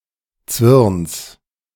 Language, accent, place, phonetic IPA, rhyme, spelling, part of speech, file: German, Germany, Berlin, [t͡svɪʁns], -ɪʁns, Zwirns, noun, De-Zwirns.ogg
- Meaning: genitive of Zwirn